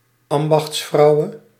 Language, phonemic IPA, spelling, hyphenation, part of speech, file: Dutch, /ˈɑm.bɑxtsˌfrɑu̯.(ʋ)ə/, ambachtsvrouwe, am‧bachts‧vrou‧we, noun, Nl-ambachtsvrouwe.ogg
- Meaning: lady who had feudal legal authority over a district called an ambacht